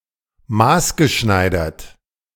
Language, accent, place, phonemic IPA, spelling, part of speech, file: German, Germany, Berlin, /ˈmaːsɡəˌʃnaɪ̯dɐt/, maßgeschneidert, verb / adjective, De-maßgeschneidert.ogg
- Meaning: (verb) past participle of maßschneidern; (adjective) bespoke, custom, tailor-made